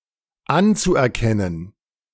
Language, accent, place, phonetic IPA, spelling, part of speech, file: German, Germany, Berlin, [ˈant͡suʔɛɐ̯ˌkɛnən], anzuerkennen, verb, De-anzuerkennen.ogg
- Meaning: zu-infinitive of anerkennen